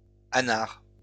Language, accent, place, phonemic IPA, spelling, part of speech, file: French, France, Lyon, /a.naʁ/, anar, adjective, LL-Q150 (fra)-anar.wav
- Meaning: anarchist